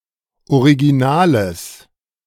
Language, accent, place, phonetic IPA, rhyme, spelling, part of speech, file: German, Germany, Berlin, [oʁiɡiˈnaːləs], -aːləs, originales, adjective, De-originales.ogg
- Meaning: strong/mixed nominative/accusative neuter singular of original